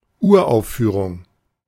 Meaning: premiere (debut performance)
- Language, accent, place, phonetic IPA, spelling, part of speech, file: German, Germany, Berlin, [ˈuːɐ̯ʔaʊ̯fˌfyːʁʊŋ], Uraufführung, noun, De-Uraufführung.ogg